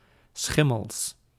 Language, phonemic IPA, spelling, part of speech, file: Dutch, /ˈsxɪməls/, schimmels, noun, Nl-schimmels.ogg
- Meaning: plural of schimmel